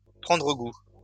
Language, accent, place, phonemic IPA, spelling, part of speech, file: French, France, Lyon, /pʁɑ̃.dʁə ɡu/, prendre goût, verb, LL-Q150 (fra)-prendre goût.wav
- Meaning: to develop a taste (for), to acquire a taste (for), to take a liking to, to take a shine to, to take a fancy (to), to grow fond (of)